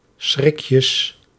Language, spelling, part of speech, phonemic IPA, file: Dutch, schrikjes, noun, /ˈsxrɪkjəs/, Nl-schrikjes.ogg
- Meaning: plural of schrikje